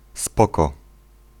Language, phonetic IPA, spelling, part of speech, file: Polish, [ˈspɔkɔ], spoko, interjection / particle, Pl-spoko.ogg